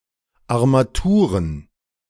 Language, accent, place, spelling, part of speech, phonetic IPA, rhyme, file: German, Germany, Berlin, Armaturen, noun, [aʁmaˈtuːʁən], -uːʁən, De-Armaturen.ogg
- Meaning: plural of Armatur